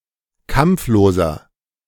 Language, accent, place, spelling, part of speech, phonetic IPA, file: German, Germany, Berlin, kampfloser, adjective, [ˈkamp͡floːzɐ], De-kampfloser.ogg
- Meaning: inflection of kampflos: 1. strong/mixed nominative masculine singular 2. strong genitive/dative feminine singular 3. strong genitive plural